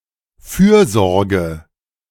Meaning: 1. care, solicitude 2. welfare
- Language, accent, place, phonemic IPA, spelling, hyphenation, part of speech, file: German, Germany, Berlin, /ˈfyːɐ̯ˌzɔʁɡə/, Fürsorge, Für‧sor‧ge, noun, De-Fürsorge.ogg